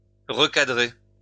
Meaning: 1. to crop 2. to pan and scan 3. to put a new spin on, send in a new direction 4. to bring someone to heel; to put someone in their place
- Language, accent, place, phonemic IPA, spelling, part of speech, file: French, France, Lyon, /ʁə.ka.dʁe/, recadrer, verb, LL-Q150 (fra)-recadrer.wav